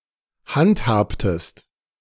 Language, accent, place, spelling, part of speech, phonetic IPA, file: German, Germany, Berlin, handhabtest, verb, [ˈhantˌhaːptəst], De-handhabtest.ogg
- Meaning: inflection of handhaben: 1. second-person singular preterite 2. second-person singular subjunctive II